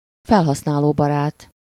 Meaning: user-friendly (designed to be easy for an untrained user to use)
- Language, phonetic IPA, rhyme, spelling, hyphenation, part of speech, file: Hungarian, [ˈfɛlɦɒsnaːloːbɒraːt], -aːt, felhasználóbarát, fel‧hasz‧ná‧ló‧ba‧rát, adjective, Hu-felhasználóbarát.ogg